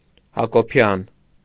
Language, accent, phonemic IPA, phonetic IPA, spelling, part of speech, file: Armenian, Eastern Armenian, /hɑkoˈpʰjɑn/, [hɑkopʰjɑ́n], Հակոբյան, proper noun, Hy-Հակոբյան.ogg
- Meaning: a surname originating as a patronymic